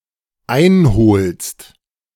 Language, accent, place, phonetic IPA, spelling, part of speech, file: German, Germany, Berlin, [ˈaɪ̯nˌhoːlst], einholst, verb, De-einholst.ogg
- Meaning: second-person singular dependent present of einholen